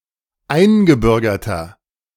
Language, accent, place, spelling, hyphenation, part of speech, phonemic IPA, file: German, Germany, Berlin, eingebürgerter, ein‧ge‧bür‧ger‧ter, adjective, /ˈaɪ̯nɡəˌbʏʁɡɐtɐ/, De-eingebürgerter.ogg
- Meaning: inflection of eingebürgert: 1. strong/mixed nominative masculine singular 2. strong genitive/dative feminine singular 3. strong genitive plural